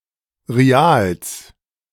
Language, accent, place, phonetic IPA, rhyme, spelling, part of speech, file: German, Germany, Berlin, [ʁiˈaːls], -aːls, Rials, noun, De-Rials.ogg
- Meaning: plural of Rial